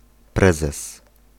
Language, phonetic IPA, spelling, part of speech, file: Polish, [ˈprɛzɛs], prezes, noun, Pl-prezes.ogg